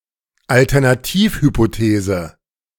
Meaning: alternative hypothesis
- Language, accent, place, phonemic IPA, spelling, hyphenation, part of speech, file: German, Germany, Berlin, /altɐnaˈtiːfhypoˌteːzə/, Alternativhypothese, Al‧ter‧na‧tiv‧hy‧po‧the‧se, noun, De-Alternativhypothese.ogg